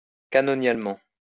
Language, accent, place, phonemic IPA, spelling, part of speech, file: French, France, Lyon, /ka.nɔ.njal.mɑ̃/, canonialement, adverb, LL-Q150 (fra)-canonialement.wav
- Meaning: canonically